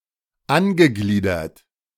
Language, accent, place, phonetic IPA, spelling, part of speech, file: German, Germany, Berlin, [ˈanɡəˌɡliːdɐt], angegliedert, verb, De-angegliedert.ogg
- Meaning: past participle of angliedern